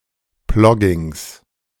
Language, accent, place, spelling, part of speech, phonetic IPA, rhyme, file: German, Germany, Berlin, Ploggings, noun, [ˈplɔɡɪŋs], -ɔɡɪŋs, De-Ploggings.ogg
- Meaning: genitive singular of Plogging